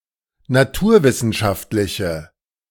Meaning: inflection of naturwissenschaftlich: 1. strong/mixed nominative/accusative feminine singular 2. strong nominative/accusative plural 3. weak nominative all-gender singular
- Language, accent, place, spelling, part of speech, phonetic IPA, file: German, Germany, Berlin, naturwissenschaftliche, adjective, [naˈtuːɐ̯ˌvɪsn̩ʃaftlɪçə], De-naturwissenschaftliche.ogg